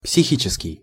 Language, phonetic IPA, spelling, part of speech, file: Russian, [psʲɪˈxʲit͡ɕɪskʲɪj], психический, adjective, Ru-психический.ogg
- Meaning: mental, psychic